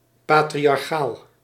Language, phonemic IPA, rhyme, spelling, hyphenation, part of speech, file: Dutch, /ˌpaː.tri.ɑrˈxaːl/, -aːl, patriarchaal, pa‧tri‧ar‧chaal, adjective, Nl-patriarchaal.ogg
- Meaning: 1. patriarchal, pertaining to the Biblical patriarchs 2. patriarchal, pertaining to an Orthodox or Roman Catholic patriarch 3. patriarchial, pertaining to patriarchy